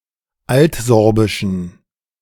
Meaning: inflection of altsorbisch: 1. strong genitive masculine/neuter singular 2. weak/mixed genitive/dative all-gender singular 3. strong/weak/mixed accusative masculine singular 4. strong dative plural
- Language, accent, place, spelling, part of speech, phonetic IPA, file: German, Germany, Berlin, altsorbischen, adjective, [ˈaltˌzɔʁbɪʃn̩], De-altsorbischen.ogg